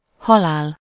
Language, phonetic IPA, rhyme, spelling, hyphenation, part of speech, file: Hungarian, [ˈhɒlaːl], -aːl, halál, ha‧lál, noun, Hu-halál.ogg
- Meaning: death